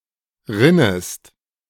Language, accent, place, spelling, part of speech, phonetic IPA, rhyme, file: German, Germany, Berlin, rinnest, verb, [ˈʁɪnəst], -ɪnəst, De-rinnest.ogg
- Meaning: second-person singular subjunctive I of rinnen